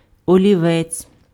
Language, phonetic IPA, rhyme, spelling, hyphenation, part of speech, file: Ukrainian, [ɔlʲiˈʋɛt͡sʲ], -ɛt͡sʲ, олівець, олі‧вець, noun, Uk-олівець.ogg
- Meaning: pencil